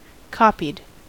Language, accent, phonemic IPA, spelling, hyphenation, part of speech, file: English, US, /ˈkɑpid/, copied, cop‧ied, verb, En-us-copied.ogg
- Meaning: simple past and past participle of copy